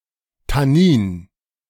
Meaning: tannin
- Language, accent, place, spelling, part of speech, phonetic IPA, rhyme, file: German, Germany, Berlin, Tannin, noun, [taˈniːn], -iːn, De-Tannin.ogg